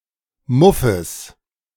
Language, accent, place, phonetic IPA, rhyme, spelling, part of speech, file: German, Germany, Berlin, [ˈmʊfəs], -ʊfəs, Muffes, noun, De-Muffes.ogg
- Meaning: genitive singular of Muff